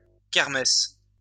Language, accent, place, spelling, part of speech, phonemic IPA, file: French, France, Lyon, kermès, noun, /kɛʁ.mɛs/, LL-Q150 (fra)-kermès.wav
- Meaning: kermes oak